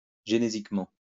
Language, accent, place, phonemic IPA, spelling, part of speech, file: French, France, Lyon, /ʒe.ne.zik.mɑ̃/, génésiquement, adverb, LL-Q150 (fra)-génésiquement.wav
- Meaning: 1. reproductively 2. genetically